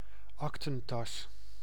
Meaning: superseded spelling of aktetas
- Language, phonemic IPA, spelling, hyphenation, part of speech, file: Dutch, /ˈɑk.tə(n)ˌtɑs/, aktentas, ak‧ten‧tas, noun, Nl-aktentas.ogg